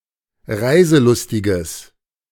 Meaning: strong/mixed nominative/accusative neuter singular of reiselustig
- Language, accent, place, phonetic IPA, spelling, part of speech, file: German, Germany, Berlin, [ˈʁaɪ̯zəˌlʊstɪɡəs], reiselustiges, adjective, De-reiselustiges.ogg